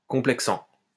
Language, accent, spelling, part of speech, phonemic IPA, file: French, France, complexant, verb, /kɔ̃.plɛk.sɑ̃/, LL-Q150 (fra)-complexant.wav
- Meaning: present participle of complexer